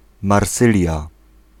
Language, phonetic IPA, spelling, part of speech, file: Polish, [marˈsɨlʲja], marsylia, noun, Pl-marsylia.ogg